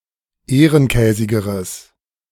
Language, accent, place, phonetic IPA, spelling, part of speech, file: German, Germany, Berlin, [ˈeːʁənˌkɛːzɪɡəʁəs], ehrenkäsigeres, adjective, De-ehrenkäsigeres.ogg
- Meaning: strong/mixed nominative/accusative neuter singular comparative degree of ehrenkäsig